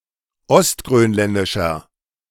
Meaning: inflection of ostgrönländisch: 1. strong/mixed nominative masculine singular 2. strong genitive/dative feminine singular 3. strong genitive plural
- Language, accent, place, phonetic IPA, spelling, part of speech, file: German, Germany, Berlin, [ɔstɡʁøːnˌlɛndɪʃɐ], ostgrönländischer, adjective, De-ostgrönländischer.ogg